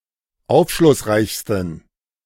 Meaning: 1. superlative degree of aufschlussreich 2. inflection of aufschlussreich: strong genitive masculine/neuter singular superlative degree
- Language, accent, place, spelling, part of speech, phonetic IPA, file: German, Germany, Berlin, aufschlussreichsten, adjective, [ˈaʊ̯fʃlʊsˌʁaɪ̯çstn̩], De-aufschlussreichsten.ogg